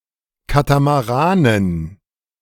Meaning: dative plural of Katamaran
- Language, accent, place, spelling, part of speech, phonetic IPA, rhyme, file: German, Germany, Berlin, Katamaranen, noun, [ˌkatamaˈʁaːnən], -aːnən, De-Katamaranen.ogg